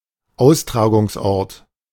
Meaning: venue (place, especially the one where a given event is to happen)
- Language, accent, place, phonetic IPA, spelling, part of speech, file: German, Germany, Berlin, [ˈaʊ̯stʁaːɡʊŋsˌʔɔʁt], Austragungsort, noun, De-Austragungsort.ogg